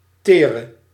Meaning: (adjective) inflection of teer: 1. masculine/feminine singular attributive 2. definite neuter singular attributive 3. plural attributive; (verb) singular present subjunctive of teren
- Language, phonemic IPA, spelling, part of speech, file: Dutch, /ˈterə/, tere, adjective / verb, Nl-tere.ogg